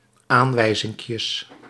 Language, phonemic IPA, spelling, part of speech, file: Dutch, /ˈaɱwɛizɪŋkjəs/, aanwijzinkjes, noun, Nl-aanwijzinkjes.ogg
- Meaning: plural of aanwijzinkje